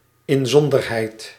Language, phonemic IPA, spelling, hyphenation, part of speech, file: Dutch, /ɪnˈzɔn.dər.ɦɛi̯t/, inzonderheid, in‧zon‧der‧heid, adverb, Nl-inzonderheid.ogg
- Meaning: especially